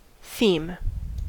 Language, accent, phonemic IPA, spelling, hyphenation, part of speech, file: English, US, /θiːm/, theme, theme, noun / verb, En-us-theme.ogg
- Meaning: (noun) 1. A subject, now especially of a talk or an artistic piece; a topic 2. A recurring idea; a motif.: A concept with multiple instantiations